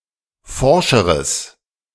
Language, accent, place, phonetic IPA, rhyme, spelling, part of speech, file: German, Germany, Berlin, [ˈfɔʁʃəʁəs], -ɔʁʃəʁəs, forscheres, adjective, De-forscheres.ogg
- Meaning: strong/mixed nominative/accusative neuter singular comparative degree of forsch